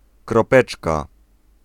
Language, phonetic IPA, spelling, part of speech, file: Polish, [krɔˈpɛt͡ʃka], kropeczka, noun, Pl-kropeczka.ogg